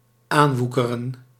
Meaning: to increase abundantly to the point of overgrowth, to mushroom, to overgrow
- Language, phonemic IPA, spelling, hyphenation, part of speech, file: Dutch, /ˈaːnˌʋu.kə.rə(n)/, aanwoekeren, aan‧woe‧ke‧ren, verb, Nl-aanwoekeren.ogg